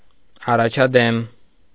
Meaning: 1. to progress, to advance, to move forward 2. to improve, to progress (to begin to learn well)
- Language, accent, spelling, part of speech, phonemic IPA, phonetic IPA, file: Armenian, Eastern Armenian, առաջադիմել, verb, /ɑrɑt͡ʃʰɑdiˈmel/, [ɑrɑt͡ʃʰɑdimél], Hy-առաջադիմել.ogg